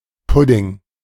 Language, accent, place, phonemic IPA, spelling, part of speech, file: German, Germany, Berlin, /pʊdɪŋ/, Pudding, noun, De-Pudding.ogg
- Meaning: 1. thick custard; milk pudding, crème or mousse 2. cake with meat or fish laid into it, pide 3. cake-dessert laid with fruits